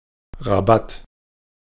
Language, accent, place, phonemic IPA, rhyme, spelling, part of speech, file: German, Germany, Berlin, /ʁaˈbat/, -at, Rabatt, noun, De-Rabatt.ogg
- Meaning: discount (reduction in price)